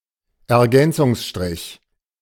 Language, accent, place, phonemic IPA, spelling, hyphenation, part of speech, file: German, Germany, Berlin, /ɛɐ̯ˈɡɛnt͡sʊŋsʃtʁɪç/, Ergänzungsstrich, Er‧gän‧zungs‧strich, noun, De-Ergänzungsstrich.ogg
- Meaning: suspension hyphen, suspended hyphen, hanging hyphen